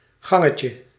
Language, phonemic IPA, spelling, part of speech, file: Dutch, /ˈɣɑŋəcə/, gangetje, noun, Nl-gangetje.ogg
- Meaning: diminutive of gang